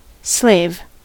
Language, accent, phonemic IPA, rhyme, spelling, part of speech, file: English, US, /sleɪv/, -eɪv, slave, noun / verb, En-us-slave.ogg
- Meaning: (noun) A person who is held in servitude as the property of another person, and whose labor (and often also whose body and life) is subject to the owner's volition and control